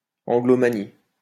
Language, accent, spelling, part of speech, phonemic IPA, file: French, France, anglomanie, noun, /ɑ̃.ɡlɔ.ma.ni/, LL-Q150 (fra)-anglomanie.wav
- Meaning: Anglomania